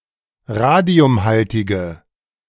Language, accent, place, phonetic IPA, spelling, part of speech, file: German, Germany, Berlin, [ˈʁaːdi̯ʊmˌhaltɪɡə], radiumhaltige, adjective, De-radiumhaltige.ogg
- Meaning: inflection of radiumhaltig: 1. strong/mixed nominative/accusative feminine singular 2. strong nominative/accusative plural 3. weak nominative all-gender singular